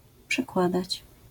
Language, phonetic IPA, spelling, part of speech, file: Polish, [pʃɛˈkwadat͡ɕ], przekładać, verb, LL-Q809 (pol)-przekładać.wav